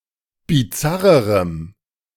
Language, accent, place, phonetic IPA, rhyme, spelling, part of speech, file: German, Germany, Berlin, [biˈt͡saʁəʁəm], -aʁəʁəm, bizarrerem, adjective, De-bizarrerem.ogg
- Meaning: strong dative masculine/neuter singular comparative degree of bizarr